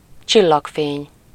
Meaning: starlight
- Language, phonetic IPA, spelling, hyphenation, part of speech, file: Hungarian, [ˈt͡ʃilːɒkfeːɲ], csillagfény, csil‧lag‧fény, noun, Hu-csillagfény.ogg